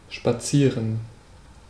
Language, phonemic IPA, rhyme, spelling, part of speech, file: German, /ʃpaˈtsiːʁən/, -iːʁən, spazieren, verb, De-spazieren.ogg
- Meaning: to take a walk, to stroll, to walk leisurely